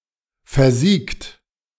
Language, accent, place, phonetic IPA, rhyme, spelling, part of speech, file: German, Germany, Berlin, [fɛɐ̯ˈziːkt], -iːkt, versiegt, verb, De-versiegt.ogg
- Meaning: 1. past participle of versiegen 2. inflection of versiegen: second-person plural present 3. inflection of versiegen: third-person singular present 4. inflection of versiegen: plural imperative